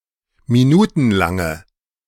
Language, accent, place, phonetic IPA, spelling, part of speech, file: German, Germany, Berlin, [miˈnuːtn̩ˌlaŋə], minutenlange, adjective, De-minutenlange.ogg
- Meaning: inflection of minutenlang: 1. strong/mixed nominative/accusative feminine singular 2. strong nominative/accusative plural 3. weak nominative all-gender singular